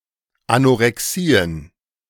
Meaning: plural of Anorexie
- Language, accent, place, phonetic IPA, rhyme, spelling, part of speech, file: German, Germany, Berlin, [anʔoʁɛˈksiːən], -iːən, Anorexien, noun, De-Anorexien.ogg